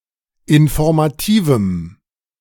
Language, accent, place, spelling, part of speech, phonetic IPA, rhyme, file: German, Germany, Berlin, informativem, adjective, [ɪnfɔʁmaˈtiːvm̩], -iːvm̩, De-informativem.ogg
- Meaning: strong dative masculine/neuter singular of informativ